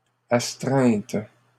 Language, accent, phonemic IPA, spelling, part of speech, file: French, Canada, /as.tʁɛ̃t/, astreinte, noun, LL-Q150 (fra)-astreinte.wav
- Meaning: 1. sanction 2. on-call duty